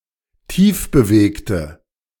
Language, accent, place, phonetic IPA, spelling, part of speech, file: German, Germany, Berlin, [ˈtiːfbəˌveːktə], tiefbewegte, adjective, De-tiefbewegte.ogg
- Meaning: inflection of tiefbewegt: 1. strong/mixed nominative/accusative feminine singular 2. strong nominative/accusative plural 3. weak nominative all-gender singular